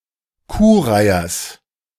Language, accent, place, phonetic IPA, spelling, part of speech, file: German, Germany, Berlin, [ˈkuːˌʁaɪ̯ɐs], Kuhreihers, noun, De-Kuhreihers.ogg
- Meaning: genitive singular of Kuhreiher